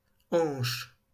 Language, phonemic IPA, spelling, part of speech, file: French, /ɑ̃ʃ/, hanches, noun, LL-Q150 (fra)-hanches.wav
- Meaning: plural of hanche